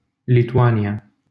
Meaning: Lithuania (a country in northeastern Europe)
- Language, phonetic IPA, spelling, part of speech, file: Romanian, [lituˈania], Lituania, proper noun, LL-Q7913 (ron)-Lituania.wav